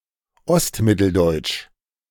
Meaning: East Central German, East Middle German
- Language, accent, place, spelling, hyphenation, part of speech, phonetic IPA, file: German, Germany, Berlin, Ostmitteldeutsch, Ost‧mit‧tel‧deutsch, proper noun, [ˈɔstˌmɪtl̩dɔɪ̯t͡ʃ], De-Ostmitteldeutsch.ogg